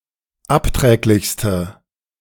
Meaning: inflection of abträglich: 1. strong/mixed nominative/accusative feminine singular superlative degree 2. strong nominative/accusative plural superlative degree
- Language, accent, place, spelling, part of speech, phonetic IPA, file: German, Germany, Berlin, abträglichste, adjective, [ˈapˌtʁɛːklɪçstə], De-abträglichste.ogg